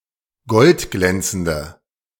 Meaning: inflection of goldglänzend: 1. strong/mixed nominative/accusative feminine singular 2. strong nominative/accusative plural 3. weak nominative all-gender singular
- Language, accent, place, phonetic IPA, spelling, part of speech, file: German, Germany, Berlin, [ˈɡɔltˌɡlɛnt͡sn̩də], goldglänzende, adjective, De-goldglänzende.ogg